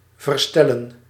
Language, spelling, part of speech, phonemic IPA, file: Dutch, verstellen, verb, /vərˈstɛlə(n)/, Nl-verstellen.ogg
- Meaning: to adjust